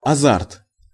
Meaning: excitement, fervour, passion
- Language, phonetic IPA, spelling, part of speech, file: Russian, [ɐˈzart], азарт, noun, Ru-азарт.ogg